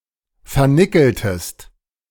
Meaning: inflection of vernickeln: 1. second-person singular preterite 2. second-person singular subjunctive II
- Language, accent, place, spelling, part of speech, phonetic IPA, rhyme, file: German, Germany, Berlin, vernickeltest, verb, [fɛɐ̯ˈnɪkl̩təst], -ɪkl̩təst, De-vernickeltest.ogg